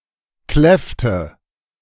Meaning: inflection of kläffen: 1. first/third-person singular preterite 2. first/third-person singular subjunctive II
- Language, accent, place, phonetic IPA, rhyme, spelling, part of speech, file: German, Germany, Berlin, [ˈklɛftə], -ɛftə, kläffte, verb, De-kläffte.ogg